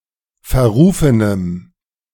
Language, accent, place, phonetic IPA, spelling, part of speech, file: German, Germany, Berlin, [fɛɐ̯ˈʁuːfənəm], verrufenem, adjective, De-verrufenem.ogg
- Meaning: strong dative masculine/neuter singular of verrufen